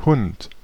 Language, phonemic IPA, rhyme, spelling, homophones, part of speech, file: German, /hʊnt/, -ʊnt, Hund, Hunt, noun, De-Hund.ogg
- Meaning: 1. dog, hound 2. scoundrel; dog (mean or morally reprehensible person) 3. A board with casters used to transport heavy objects